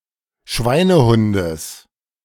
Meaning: genitive singular of Schweinehund
- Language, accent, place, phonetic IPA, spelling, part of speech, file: German, Germany, Berlin, [ˈʃvaɪ̯nəˌhʊndəs], Schweinehundes, noun, De-Schweinehundes.ogg